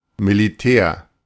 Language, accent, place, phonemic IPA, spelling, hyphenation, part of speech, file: German, Germany, Berlin, /miliˈtɛːr/, Militär, Mi‧li‧tär, noun, De-Militär.ogg
- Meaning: 1. military 2. a military officer, typically high-ranking, sometimes especially one who is involved in politics 3. any servicemember